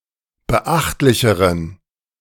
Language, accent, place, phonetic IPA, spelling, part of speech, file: German, Germany, Berlin, [bəˈʔaxtlɪçəʁən], beachtlicheren, adjective, De-beachtlicheren.ogg
- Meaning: inflection of beachtlich: 1. strong genitive masculine/neuter singular comparative degree 2. weak/mixed genitive/dative all-gender singular comparative degree